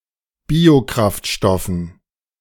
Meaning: dative plural of Biokraftstoff
- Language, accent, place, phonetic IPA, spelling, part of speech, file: German, Germany, Berlin, [ˈbiːoˌkʁaftʃtɔfn̩], Biokraftstoffen, noun, De-Biokraftstoffen.ogg